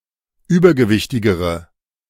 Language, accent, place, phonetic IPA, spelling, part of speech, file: German, Germany, Berlin, [ˈyːbɐɡəˌvɪçtɪɡəʁə], übergewichtigere, adjective, De-übergewichtigere.ogg
- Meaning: inflection of übergewichtig: 1. strong/mixed nominative/accusative feminine singular comparative degree 2. strong nominative/accusative plural comparative degree